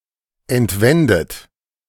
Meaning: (verb) past participle of entwenden; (adjective) stolen; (verb) inflection of entwenden: 1. third-person singular present 2. second-person plural present 3. second-person plural subjunctive I
- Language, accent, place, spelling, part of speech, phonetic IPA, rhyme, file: German, Germany, Berlin, entwendet, verb, [ɛntˈvɛndət], -ɛndət, De-entwendet.ogg